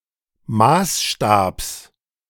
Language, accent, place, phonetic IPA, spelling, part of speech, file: German, Germany, Berlin, [ˈmaːsˌʃtaːps], Maßstabs, noun, De-Maßstabs.ogg
- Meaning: genitive singular of Maßstab